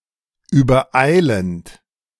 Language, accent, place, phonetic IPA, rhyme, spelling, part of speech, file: German, Germany, Berlin, [yːbɐˈʔaɪ̯lənt], -aɪ̯lənt, übereilend, verb, De-übereilend.ogg
- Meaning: present participle of übereilen